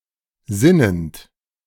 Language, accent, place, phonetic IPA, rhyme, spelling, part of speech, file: German, Germany, Berlin, [ˈzɪnənt], -ɪnənt, sinnend, verb, De-sinnend.ogg
- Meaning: present participle of sinnen